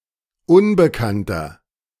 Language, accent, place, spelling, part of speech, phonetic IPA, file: German, Germany, Berlin, Unbekannter, noun, [ˈʊnbəˌkantɐ], De-Unbekannter.ogg
- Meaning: genitive singular of Unbekannte